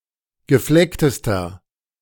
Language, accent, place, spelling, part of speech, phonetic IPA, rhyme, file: German, Germany, Berlin, geflecktester, adjective, [ɡəˈflɛktəstɐ], -ɛktəstɐ, De-geflecktester.ogg
- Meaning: inflection of gefleckt: 1. strong/mixed nominative masculine singular superlative degree 2. strong genitive/dative feminine singular superlative degree 3. strong genitive plural superlative degree